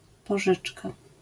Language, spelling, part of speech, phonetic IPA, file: Polish, pożyczka, noun, [pɔˈʒɨt͡ʃka], LL-Q809 (pol)-pożyczka.wav